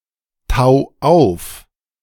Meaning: 1. singular imperative of auftauen 2. first-person singular present of auftauen
- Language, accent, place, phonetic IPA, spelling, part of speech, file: German, Germany, Berlin, [ˌtaʊ̯ ˈaʊ̯f], tau auf, verb, De-tau auf.ogg